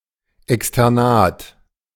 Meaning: 1. non-boarding school 2. internship (especially during training as a midwife)
- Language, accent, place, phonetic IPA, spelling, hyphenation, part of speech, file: German, Germany, Berlin, [ɛkstɛʁˈnaːt], Externat, Ex‧ter‧nat, noun, De-Externat.ogg